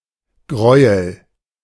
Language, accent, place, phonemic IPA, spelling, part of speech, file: German, Germany, Berlin, /ˈɡʁɔʏ̯əl/, Gräuel, noun, De-Gräuel.ogg
- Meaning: 1. horror, atrocity 2. aversion, anathema